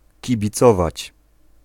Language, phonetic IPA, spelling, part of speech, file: Polish, [ˌcibʲiˈt͡sɔvat͡ɕ], kibicować, verb, Pl-kibicować.ogg